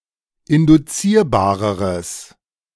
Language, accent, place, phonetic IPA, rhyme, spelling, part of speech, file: German, Germany, Berlin, [ɪndʊˈt͡siːɐ̯baːʁəʁəs], -iːɐ̯baːʁəʁəs, induzierbareres, adjective, De-induzierbareres.ogg
- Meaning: strong/mixed nominative/accusative neuter singular comparative degree of induzierbar